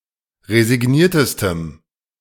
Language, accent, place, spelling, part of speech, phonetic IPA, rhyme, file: German, Germany, Berlin, resigniertestem, adjective, [ʁezɪˈɡniːɐ̯təstəm], -iːɐ̯təstəm, De-resigniertestem.ogg
- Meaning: strong dative masculine/neuter singular superlative degree of resigniert